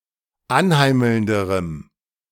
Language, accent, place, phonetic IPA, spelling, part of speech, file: German, Germany, Berlin, [ˈanˌhaɪ̯ml̩ndəʁəm], anheimelnderem, adjective, De-anheimelnderem.ogg
- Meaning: strong dative masculine/neuter singular comparative degree of anheimelnd